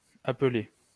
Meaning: alternative form of appeler
- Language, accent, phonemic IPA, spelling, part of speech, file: French, France, /a.pə.le/, appeller, verb, LL-Q150 (fra)-appeller.wav